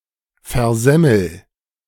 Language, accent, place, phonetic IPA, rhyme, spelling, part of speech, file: German, Germany, Berlin, [fɛɐ̯ˈzɛml̩], -ɛml̩, versemmel, verb, De-versemmel.ogg
- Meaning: inflection of versemmeln: 1. first-person singular present 2. singular imperative